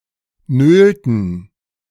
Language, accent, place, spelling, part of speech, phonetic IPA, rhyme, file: German, Germany, Berlin, nölten, verb, [ˈnøːltn̩], -øːltn̩, De-nölten.ogg
- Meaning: inflection of nölen: 1. first/third-person plural preterite 2. first/third-person plural subjunctive II